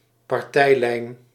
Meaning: party line, official view
- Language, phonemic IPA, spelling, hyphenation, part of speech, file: Dutch, /pɑrˈtɛi̯ˌlɛi̯n/, partijlijn, par‧tij‧lijn, noun, Nl-partijlijn.ogg